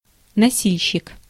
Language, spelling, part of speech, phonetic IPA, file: Russian, носильщик, noun, [nɐˈsʲilʲɕːɪk], Ru-носильщик.ogg
- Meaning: porter